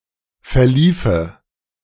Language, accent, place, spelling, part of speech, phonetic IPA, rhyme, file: German, Germany, Berlin, verliefe, verb, [fɛɐ̯ˈliːfə], -iːfə, De-verliefe.ogg
- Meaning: first/third-person singular subjunctive II of verlaufen